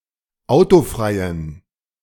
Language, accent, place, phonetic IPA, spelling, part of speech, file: German, Germany, Berlin, [ˈaʊ̯toˌfʁaɪ̯ən], autofreien, adjective, De-autofreien.ogg
- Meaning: inflection of autofrei: 1. strong genitive masculine/neuter singular 2. weak/mixed genitive/dative all-gender singular 3. strong/weak/mixed accusative masculine singular 4. strong dative plural